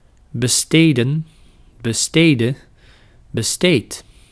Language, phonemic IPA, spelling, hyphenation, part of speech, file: Dutch, /bəˈsteːdə(n)/, besteden, be‧ste‧den, verb, Nl-besteden.ogg
- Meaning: 1. to spend 2. to match for a job